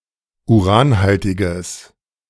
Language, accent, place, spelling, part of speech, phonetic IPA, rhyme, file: German, Germany, Berlin, uranhaltiges, adjective, [uˈʁaːnˌhaltɪɡəs], -aːnhaltɪɡəs, De-uranhaltiges.ogg
- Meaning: strong/mixed nominative/accusative neuter singular of uranhaltig